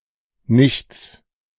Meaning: nothingness, void
- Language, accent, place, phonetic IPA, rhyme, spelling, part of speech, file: German, Germany, Berlin, [nɪçt͡s], -ɪçt͡s, Nichts, noun, De-Nichts.ogg